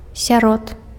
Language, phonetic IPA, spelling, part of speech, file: Belarusian, [sʲaˈrot], сярод, preposition, Be-сярод.ogg
- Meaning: among, amongst, in the midst of, inside